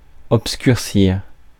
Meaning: 1. to darken (a colour) 2. to obscure, to blur 3. to obfuscate 4. to darken 5. to become obscure
- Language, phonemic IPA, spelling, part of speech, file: French, /ɔp.skyʁ.siʁ/, obscurcir, verb, Fr-obscurcir.ogg